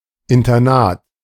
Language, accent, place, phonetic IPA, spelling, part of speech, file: German, Germany, Berlin, [ɪntɐˈnaːt], Internat, noun, De-Internat.ogg
- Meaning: boarding school